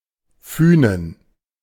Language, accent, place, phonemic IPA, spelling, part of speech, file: German, Germany, Berlin, /ˈfyːnən/, Fünen, proper noun, De-Fünen.ogg
- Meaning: Funen (island)